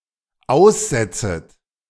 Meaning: second-person plural dependent subjunctive I of aussetzen
- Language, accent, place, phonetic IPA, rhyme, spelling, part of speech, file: German, Germany, Berlin, [ˈaʊ̯sˌzɛt͡sət], -aʊ̯szɛt͡sət, aussetzet, verb, De-aussetzet.ogg